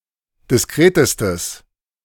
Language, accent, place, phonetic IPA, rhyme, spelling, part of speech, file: German, Germany, Berlin, [dɪsˈkʁeːtəstəs], -eːtəstəs, diskretestes, adjective, De-diskretestes.ogg
- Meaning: strong/mixed nominative/accusative neuter singular superlative degree of diskret